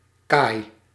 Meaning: alternative form of kade
- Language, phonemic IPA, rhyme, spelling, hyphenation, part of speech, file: Dutch, /kaːi̯/, -aːi̯, kaai, kaai, noun, Nl-kaai.ogg